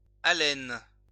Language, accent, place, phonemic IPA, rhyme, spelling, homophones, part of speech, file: French, France, Lyon, /a.lɛn/, -ɛn, allène, alène / alènes / alêne / alênes / allen / Allen / allènes / haleine / haleines / halène / halènent / halènes, noun, LL-Q150 (fra)-allène.wav
- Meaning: allene